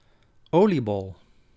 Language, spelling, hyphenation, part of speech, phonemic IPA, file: Dutch, oliebol, olie‧bol, noun, /ˈoːliˌbɔl/, Nl-oliebol.ogg
- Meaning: 1. oliebol (traditional Dutch and Belgian deep-fried pastry normally consumed on New Year's Eve or at funfairs) 2. dumbass, stupid person